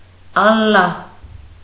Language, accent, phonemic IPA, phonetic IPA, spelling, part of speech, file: Armenian, Eastern Armenian, /ɑlˈlɑh/, [ɑlːɑ́h], Ալլահ, proper noun, Hy-Ալլահ.ogg
- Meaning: Allah